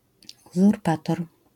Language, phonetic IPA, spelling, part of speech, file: Polish, [ˌuzurˈpatɔr], uzurpator, noun, LL-Q809 (pol)-uzurpator.wav